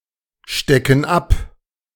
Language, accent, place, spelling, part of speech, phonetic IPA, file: German, Germany, Berlin, stecken ab, verb, [ˌʃtɛkn̩ ˈap], De-stecken ab.ogg
- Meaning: inflection of abstecken: 1. first/third-person plural present 2. first/third-person plural subjunctive I